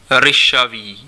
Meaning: rufous, rusty (having the colour of rust)
- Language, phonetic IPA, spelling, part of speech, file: Czech, [ˈrɪʃaviː], ryšavý, adjective, Cs-ryšavý.ogg